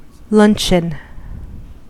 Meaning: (noun) 1. A formal meal served in the middle of the day 2. A large, cheap, processed sausage served in thin slices 3. Any midday meal; lunch 4. A lump of food
- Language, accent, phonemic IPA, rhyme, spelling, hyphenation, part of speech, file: English, US, /ˈlʌn.tʃən/, -ʌntʃən, luncheon, lun‧cheon, noun / verb, En-us-luncheon.ogg